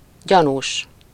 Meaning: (adjective) 1. suspicious (arousing suspicion) 2. suspicious (distrustful or tending to suspect); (noun) suspect (a person who is suspected of something)
- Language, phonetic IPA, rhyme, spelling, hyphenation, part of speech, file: Hungarian, [ˈɟɒnuːʃ], -uːʃ, gyanús, gya‧nús, adjective / noun, Hu-gyanús.ogg